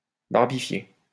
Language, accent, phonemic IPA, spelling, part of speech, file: French, France, /baʁ.bi.fje/, barbifier, verb, LL-Q150 (fra)-barbifier.wav
- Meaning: 1. to shave (someone's) beard, to barb 2. to bore to death